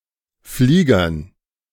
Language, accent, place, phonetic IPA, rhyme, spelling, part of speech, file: German, Germany, Berlin, [ˈfliːɡɐn], -iːɡɐn, Fliegern, noun, De-Fliegern.ogg
- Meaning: dative plural of Flieger